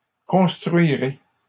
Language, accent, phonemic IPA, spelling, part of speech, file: French, Canada, /kɔ̃s.tʁɥi.ʁe/, construirez, verb, LL-Q150 (fra)-construirez.wav
- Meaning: second-person plural future of construire